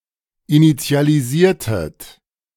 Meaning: inflection of initialisieren: 1. second-person plural preterite 2. second-person plural subjunctive II
- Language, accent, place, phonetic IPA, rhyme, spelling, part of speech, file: German, Germany, Berlin, [init͡si̯aliˈziːɐ̯tət], -iːɐ̯tət, initialisiertet, verb, De-initialisiertet.ogg